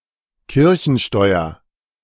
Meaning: church tax
- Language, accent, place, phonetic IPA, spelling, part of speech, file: German, Germany, Berlin, [ˈkɪʁçn̩ˌʃtɔɪ̯ɐ], Kirchensteuer, noun, De-Kirchensteuer.ogg